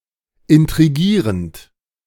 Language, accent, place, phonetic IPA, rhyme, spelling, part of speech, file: German, Germany, Berlin, [ɪntʁiˈɡiːʁənt], -iːʁənt, intrigierend, verb, De-intrigierend.ogg
- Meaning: present participle of intrigieren